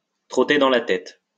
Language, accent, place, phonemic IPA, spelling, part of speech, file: French, France, Lyon, /tʁɔ.te dɑ̃ la tɛt/, trotter dans la tête, verb, LL-Q150 (fra)-trotter dans la tête.wav
- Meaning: to go through someone's mind, to go through someone's head, to run through someone's mind, to keep running through someone's mind